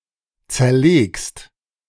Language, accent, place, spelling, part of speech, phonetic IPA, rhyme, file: German, Germany, Berlin, zerlegst, verb, [ˌt͡sɛɐ̯ˈleːkst], -eːkst, De-zerlegst.ogg
- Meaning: second-person singular present of zerlegen